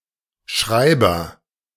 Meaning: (noun) 1. writer, author, scribe, scrivener (male or of unspecified gender) 2. clerk (male or of unspecified gender) 3. pen 4. recorder, -graph (apparatus, device, instrument)
- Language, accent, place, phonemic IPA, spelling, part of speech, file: German, Germany, Berlin, /ˈʃʁaɪ̯bɐ/, Schreiber, noun / proper noun, De-Schreiber.ogg